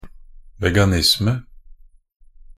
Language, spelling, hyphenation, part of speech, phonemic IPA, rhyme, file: Norwegian Bokmål, veganisme, ve‧ga‧nis‧me, noun, /ˈʋɛɡanɪsmə/, -ɪsmə, Nb-veganisme.ogg